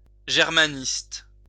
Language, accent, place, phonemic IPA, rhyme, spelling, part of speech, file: French, France, Lyon, /ʒɛʁ.ma.nist/, -ist, germaniste, noun / adjective, LL-Q150 (fra)-germaniste.wav
- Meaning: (noun) Germanist; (adjective) Germanist; Germanistic